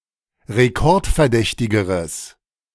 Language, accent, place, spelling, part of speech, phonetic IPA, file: German, Germany, Berlin, rekordverdächtigeres, adjective, [ʁeˈkɔʁtfɛɐ̯ˌdɛçtɪɡəʁəs], De-rekordverdächtigeres.ogg
- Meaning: strong/mixed nominative/accusative neuter singular comparative degree of rekordverdächtig